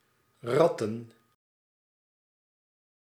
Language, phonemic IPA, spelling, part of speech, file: Dutch, /ˈrɑtə(n)/, ratten, verb / noun, Nl-ratten.ogg
- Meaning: plural of rat